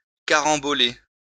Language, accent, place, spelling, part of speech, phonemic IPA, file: French, France, Lyon, caramboler, verb, /ka.ʁɑ̃.bɔ.le/, LL-Q150 (fra)-caramboler.wav
- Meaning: to collide with